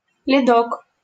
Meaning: endearing diminutive of лёд (ljod, “ice”): thin layer of ice
- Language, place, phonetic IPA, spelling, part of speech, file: Russian, Saint Petersburg, [lʲɪˈdok], ледок, noun, LL-Q7737 (rus)-ледок.wav